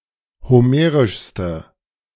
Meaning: inflection of homerisch: 1. strong/mixed nominative/accusative feminine singular superlative degree 2. strong nominative/accusative plural superlative degree
- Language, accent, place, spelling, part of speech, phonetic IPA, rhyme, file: German, Germany, Berlin, homerischste, adjective, [hoˈmeːʁɪʃstə], -eːʁɪʃstə, De-homerischste.ogg